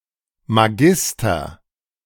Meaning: magister; an academic degree usually comparable to an M.A. or M.Sc
- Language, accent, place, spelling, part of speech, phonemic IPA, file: German, Germany, Berlin, Magister, noun, /maˈɡɪstɐ/, De-Magister.ogg